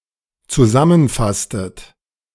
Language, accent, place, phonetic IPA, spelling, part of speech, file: German, Germany, Berlin, [t͡suˈzamənˌfastət], zusammenfasstet, verb, De-zusammenfasstet.ogg
- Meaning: inflection of zusammenfassen: 1. second-person plural dependent preterite 2. second-person plural dependent subjunctive II